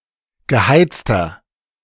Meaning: inflection of geheizt: 1. strong/mixed nominative masculine singular 2. strong genitive/dative feminine singular 3. strong genitive plural
- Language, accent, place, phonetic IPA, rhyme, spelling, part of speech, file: German, Germany, Berlin, [ɡəˈhaɪ̯t͡stɐ], -aɪ̯t͡stɐ, geheizter, adjective, De-geheizter.ogg